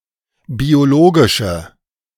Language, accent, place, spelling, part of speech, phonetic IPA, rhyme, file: German, Germany, Berlin, biologische, adjective, [bioˈloːɡɪʃə], -oːɡɪʃə, De-biologische.ogg
- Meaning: inflection of biologisch: 1. strong/mixed nominative/accusative feminine singular 2. strong nominative/accusative plural 3. weak nominative all-gender singular